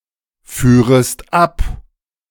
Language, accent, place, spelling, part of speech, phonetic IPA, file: German, Germany, Berlin, führest ab, verb, [ˌfyːʁəst ˈap], De-führest ab.ogg
- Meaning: second-person singular subjunctive II of abfahren